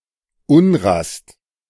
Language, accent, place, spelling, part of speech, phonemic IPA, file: German, Germany, Berlin, Unrast, noun, /ˈʊnrast/, De-Unrast.ogg
- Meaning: restlessness, anxiety; unrest